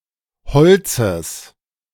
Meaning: genitive singular of Holz
- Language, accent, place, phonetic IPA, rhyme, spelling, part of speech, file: German, Germany, Berlin, [ˈhɔlt͡səs], -ɔlt͡səs, Holzes, noun, De-Holzes.ogg